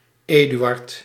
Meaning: a male given name, equivalent to English Edward
- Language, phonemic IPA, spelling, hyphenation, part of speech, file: Dutch, /ˈeː.dy.ɑrt/, Eduard, Edu‧ard, proper noun, Nl-Eduard.ogg